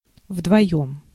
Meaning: two (together), both (together)
- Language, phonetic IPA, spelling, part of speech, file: Russian, [vdvɐˈjɵm], вдвоём, adverb, Ru-вдвоём.ogg